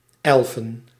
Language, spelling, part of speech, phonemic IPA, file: Dutch, elfen, noun, /ɛlvən/, Nl-elfen.ogg
- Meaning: plural of elf